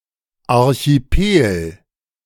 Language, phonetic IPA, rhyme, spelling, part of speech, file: German, [ˌaʁçiˈpeːl], -eːl, Archipel, noun, De-Archipel.ogg